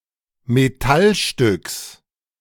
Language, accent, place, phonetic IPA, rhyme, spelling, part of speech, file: German, Germany, Berlin, [meˈtalˌʃtʏks], -alʃtʏks, Metallstücks, noun, De-Metallstücks.ogg
- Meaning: genitive singular of Metallstück